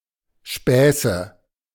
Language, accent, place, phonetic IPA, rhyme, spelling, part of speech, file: German, Germany, Berlin, [ˈʃpɛːsə], -ɛːsə, Späße, noun, De-Späße.ogg
- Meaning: nominative/accusative/genitive plural of Spaß